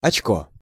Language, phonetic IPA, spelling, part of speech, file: Russian, [ɐt͡ɕˈko], очко, noun, Ru-очко.ogg
- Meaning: 1. point 2. spot, pip (on cards or dice) 3. hole, peephole 4. eye 5. asshole, anus 6. ability to stay calm and adequate while under pressure in a stressful situation 7. toilet (bowl) 8. blackjack